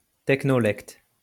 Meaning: technolect
- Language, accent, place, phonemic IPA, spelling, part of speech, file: French, France, Lyon, /tɛk.nɔ.lɛkt/, technolecte, noun, LL-Q150 (fra)-technolecte.wav